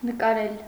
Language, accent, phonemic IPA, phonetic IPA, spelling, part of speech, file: Armenian, Eastern Armenian, /nəkɑˈɾel/, [nəkɑɾél], նկարել, verb, Hy-նկարել.ogg
- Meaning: 1. to draw, to depict, to paint 2. to photograph 3. to shoot (a video)